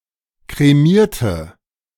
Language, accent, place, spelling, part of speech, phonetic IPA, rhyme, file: German, Germany, Berlin, kremierte, adjective / verb, [kʁeˈmiːɐ̯tə], -iːɐ̯tə, De-kremierte.ogg
- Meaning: inflection of kremieren: 1. first/third-person singular preterite 2. first/third-person singular subjunctive II